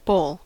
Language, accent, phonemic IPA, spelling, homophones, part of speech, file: English, US, /boʊl/, bowl, boll, noun / verb, En-us-bowl.ogg
- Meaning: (noun) A roughly hemispherical container used to hold, mix, prepare or present food, such as salad, fruit or soup, or other items.: As much as is held by a bowl